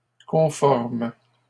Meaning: third-person plural present indicative/subjunctive of conformer
- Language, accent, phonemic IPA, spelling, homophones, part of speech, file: French, Canada, /kɔ̃.fɔʁm/, conforment, conforme / conformes, verb, LL-Q150 (fra)-conforment.wav